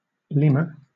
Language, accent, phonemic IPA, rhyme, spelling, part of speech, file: English, Southern England, /ˈliːmə(ɹ)/, -iːmə(ɹ), lemur, noun, LL-Q1860 (eng)-lemur.wav
- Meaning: 1. Any strepsirrhine primate of the superfamily Lemuroidea, native only to Madagascar and some surrounding islands 2. Any of the genus Lemur, represented by the ring-tailed lemur (Lemur catta)